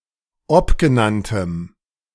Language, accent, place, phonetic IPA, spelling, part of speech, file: German, Germany, Berlin, [ˈɔpɡəˌnantəm], obgenanntem, adjective, De-obgenanntem.ogg
- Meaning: strong dative masculine/neuter singular of obgenannt